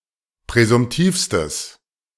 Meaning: strong/mixed nominative/accusative neuter singular superlative degree of präsumtiv
- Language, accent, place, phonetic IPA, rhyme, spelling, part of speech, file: German, Germany, Berlin, [pʁɛzʊmˈtiːfstəs], -iːfstəs, präsumtivstes, adjective, De-präsumtivstes.ogg